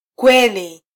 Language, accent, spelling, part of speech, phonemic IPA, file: Swahili, Kenya, kweli, noun / adjective / adverb / interjection, /ˈkʷɛ.li/, Sw-ke-kweli.flac
- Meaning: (noun) truth; truthfulness; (adjective) 1. true 2. real (not fake); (adverb) really; truly; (interjection) Used to express surprise, doubt, or to seek confirmation: really?